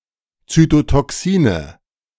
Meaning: nominative plural of Zytotoxin
- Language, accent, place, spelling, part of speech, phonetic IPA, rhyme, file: German, Germany, Berlin, Zytotoxine, noun, [ˌt͡sytotɔˈksiːnə], -iːnə, De-Zytotoxine.ogg